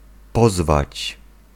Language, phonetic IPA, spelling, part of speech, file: Polish, [ˈpɔzvat͡ɕ], pozwać, verb, Pl-pozwać.ogg